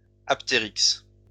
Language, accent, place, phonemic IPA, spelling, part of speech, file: French, France, Lyon, /ap.te.ʁiks/, aptéryx, noun, LL-Q150 (fra)-aptéryx.wav
- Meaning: 1. kiwi (bird) 2. kiwis